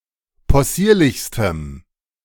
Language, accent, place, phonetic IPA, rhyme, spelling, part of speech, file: German, Germany, Berlin, [pɔˈsiːɐ̯lɪçstəm], -iːɐ̯lɪçstəm, possierlichstem, adjective, De-possierlichstem.ogg
- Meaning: strong dative masculine/neuter singular superlative degree of possierlich